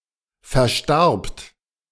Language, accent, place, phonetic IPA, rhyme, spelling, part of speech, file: German, Germany, Berlin, [fɛɐ̯ˈʃtaʁpt], -aʁpt, verstarbt, verb, De-verstarbt.ogg
- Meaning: second-person plural preterite of versterben